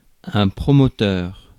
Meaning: 1. promoter, one who promotes 2. developer 3. thesis supervisor, tutor, director, advisor
- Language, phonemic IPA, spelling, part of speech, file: French, /pʁɔ.mɔ.tœʁ/, promoteur, noun, Fr-promoteur.ogg